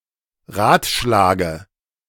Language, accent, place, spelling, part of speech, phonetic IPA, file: German, Germany, Berlin, Ratschlage, noun, [ˈʁaːtˌʃlaːɡə], De-Ratschlage.ogg
- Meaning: dative singular of Ratschlag